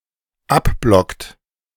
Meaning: inflection of abblocken: 1. third-person singular dependent present 2. second-person plural dependent present
- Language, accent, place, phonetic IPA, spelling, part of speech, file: German, Germany, Berlin, [ˈapˌblɔkt], abblockt, verb, De-abblockt.ogg